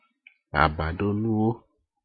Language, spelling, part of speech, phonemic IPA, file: Ewe, abaɖonuwo, noun, /à.bà.ɖǒ.nú.ɰó/, Ee-abaɖonuwo.ogg
- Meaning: bedding